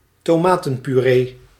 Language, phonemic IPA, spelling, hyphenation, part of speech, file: Dutch, /toːˈmaː.tə(n).pyˌreː/, tomatenpuree, to‧ma‧ten‧pu‧ree, noun, Nl-tomatenpuree.ogg
- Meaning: tomato purée